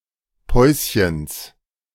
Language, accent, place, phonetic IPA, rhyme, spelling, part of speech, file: German, Germany, Berlin, [ˈpɔɪ̯sçəns], -ɔɪ̯sçəns, Päuschens, noun, De-Päuschens.ogg
- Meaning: genitive singular of Päuschen